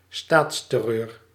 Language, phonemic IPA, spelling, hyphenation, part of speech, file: Dutch, /ˈstaːts.tɛˌrøːr/, staatsterreur, staats‧ter‧reur, noun, Nl-staatsterreur.ogg
- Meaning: state terror